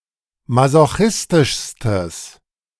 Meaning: strong/mixed nominative/accusative neuter singular superlative degree of masochistisch
- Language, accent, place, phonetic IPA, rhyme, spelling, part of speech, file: German, Germany, Berlin, [mazoˈxɪstɪʃstəs], -ɪstɪʃstəs, masochistischstes, adjective, De-masochistischstes.ogg